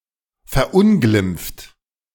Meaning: 1. past participle of verunglimpfen 2. inflection of verunglimpfen: second-person plural present 3. inflection of verunglimpfen: third-person singular present
- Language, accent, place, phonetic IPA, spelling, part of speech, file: German, Germany, Berlin, [fɛɐ̯ˈʔʊnɡlɪmp͡ft], verunglimpft, verb, De-verunglimpft.ogg